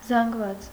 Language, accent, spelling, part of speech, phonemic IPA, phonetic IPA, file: Armenian, Eastern Armenian, զանգված, noun, /zɑnɡˈvɑt͡s/, [zɑŋɡvɑ́t͡s], Hy-զանգված.ogg
- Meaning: 1. accumulation, mass, heap, congeries, aggregation, pile 2. medley; jumble 3. mass 4. array